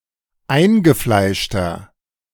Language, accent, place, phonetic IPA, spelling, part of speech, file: German, Germany, Berlin, [ˈaɪ̯nɡəˌflaɪ̯ʃtɐ], eingefleischter, adjective, De-eingefleischter.ogg
- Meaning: 1. comparative degree of eingefleischt 2. inflection of eingefleischt: strong/mixed nominative masculine singular 3. inflection of eingefleischt: strong genitive/dative feminine singular